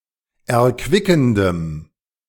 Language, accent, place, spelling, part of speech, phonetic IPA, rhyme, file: German, Germany, Berlin, erquickendem, adjective, [ɛɐ̯ˈkvɪkn̩dəm], -ɪkn̩dəm, De-erquickendem.ogg
- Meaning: strong dative masculine/neuter singular of erquickend